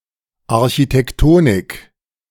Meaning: architectonics
- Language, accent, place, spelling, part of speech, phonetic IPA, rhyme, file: German, Germany, Berlin, Architektonik, noun, [aʁçitɛkˈtoːnɪk], -oːnɪk, De-Architektonik.ogg